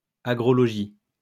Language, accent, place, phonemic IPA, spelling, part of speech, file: French, France, Lyon, /a.ɡʁɔ.lɔ.ʒi/, agrologie, noun, LL-Q150 (fra)-agrologie.wav
- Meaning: agrology